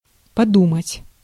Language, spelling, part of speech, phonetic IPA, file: Russian, подумать, verb, [pɐˈdumətʲ], Ru-подумать.ogg
- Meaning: 1. to think (for a while), to have a think, to consider, to reflect, to ponder 2. to arrive at a thought, to conclude, to figure